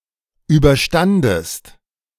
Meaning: second-person singular preterite of überstehen
- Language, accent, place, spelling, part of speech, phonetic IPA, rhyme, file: German, Germany, Berlin, überstandest, verb, [ˌyːbɐˈʃtandəst], -andəst, De-überstandest.ogg